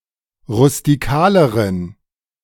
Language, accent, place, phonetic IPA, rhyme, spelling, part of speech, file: German, Germany, Berlin, [ʁʊstiˈkaːləʁən], -aːləʁən, rustikaleren, adjective, De-rustikaleren.ogg
- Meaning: inflection of rustikal: 1. strong genitive masculine/neuter singular comparative degree 2. weak/mixed genitive/dative all-gender singular comparative degree